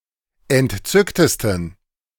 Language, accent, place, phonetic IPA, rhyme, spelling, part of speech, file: German, Germany, Berlin, [ɛntˈt͡sʏktəstn̩], -ʏktəstn̩, entzücktesten, adjective, De-entzücktesten.ogg
- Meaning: 1. superlative degree of entzückt 2. inflection of entzückt: strong genitive masculine/neuter singular superlative degree